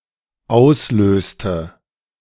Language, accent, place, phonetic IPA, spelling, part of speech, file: German, Germany, Berlin, [ˈaʊ̯sˌløːstə], auslöste, verb, De-auslöste.ogg
- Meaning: inflection of auslösen: 1. first/third-person singular dependent preterite 2. first/third-person singular dependent subjunctive II